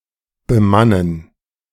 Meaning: to man (to supply with staff or crew)
- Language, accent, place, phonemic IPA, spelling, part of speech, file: German, Germany, Berlin, /bəˈmanən/, bemannen, verb, De-bemannen.ogg